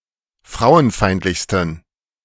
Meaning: 1. superlative degree of frauenfeindlich 2. inflection of frauenfeindlich: strong genitive masculine/neuter singular superlative degree
- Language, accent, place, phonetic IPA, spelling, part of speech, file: German, Germany, Berlin, [ˈfʁaʊ̯ənˌfaɪ̯ntlɪçstn̩], frauenfeindlichsten, adjective, De-frauenfeindlichsten.ogg